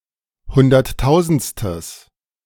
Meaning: strong/mixed nominative/accusative neuter singular of hunderttausendste
- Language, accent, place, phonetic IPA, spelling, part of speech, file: German, Germany, Berlin, [ˈhʊndɐtˌtaʊ̯zn̩t͡stəs], hunderttausendstes, adjective, De-hunderttausendstes.ogg